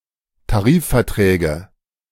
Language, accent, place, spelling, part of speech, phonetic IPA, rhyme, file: German, Germany, Berlin, Tarifverträge, noun, [taˈʁiːffɛɐ̯ˌtʁɛːɡə], -iːffɛɐ̯tʁɛːɡə, De-Tarifverträge.ogg
- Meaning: nominative/accusative/genitive plural of Tarifvertrag